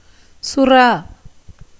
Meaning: shark
- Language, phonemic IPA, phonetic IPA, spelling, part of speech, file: Tamil, /tʃʊrɑː/, [sʊräː], சுறா, noun, Ta-சுறா.ogg